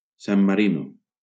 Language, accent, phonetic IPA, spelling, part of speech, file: Catalan, Valencia, [ˈsam maˈɾi.no], San Marino, proper noun, LL-Q7026 (cat)-San Marino.wav
- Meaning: 1. San Marino (a landlocked microstate in Southern Europe, located within the borders of Italy) 2. San Marino (the capital city of San Marino)